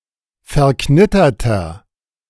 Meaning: inflection of verknittert: 1. strong/mixed nominative masculine singular 2. strong genitive/dative feminine singular 3. strong genitive plural
- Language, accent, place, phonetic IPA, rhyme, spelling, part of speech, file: German, Germany, Berlin, [fɛɐ̯ˈknɪtɐtɐ], -ɪtɐtɐ, verknitterter, adjective, De-verknitterter.ogg